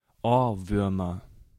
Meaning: nominative/accusative/genitive plural of Ohrwurm
- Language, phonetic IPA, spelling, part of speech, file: German, [ˈoːɐ̯ˌvʏʁmɐ], Ohrwürmer, noun, De-Ohrwürmer.ogg